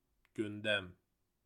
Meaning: agenda, order of the day (list of matters to be taken up)
- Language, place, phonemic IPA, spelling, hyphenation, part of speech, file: Azerbaijani, Baku, /ɟynˈdæm/, gündəm, gün‧dəm, noun, Az-az-gündəm.ogg